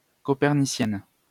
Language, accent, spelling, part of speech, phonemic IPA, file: French, France, copernicienne, adjective, /kɔ.pɛʁ.ni.sjɛn/, LL-Q150 (fra)-copernicienne.wav
- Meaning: feminine singular of copernicien